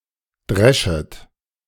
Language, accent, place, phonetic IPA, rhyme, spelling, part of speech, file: German, Germany, Berlin, [ˈdʁɛʃət], -ɛʃət, dreschet, verb, De-dreschet.ogg
- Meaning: second-person plural subjunctive I of dreschen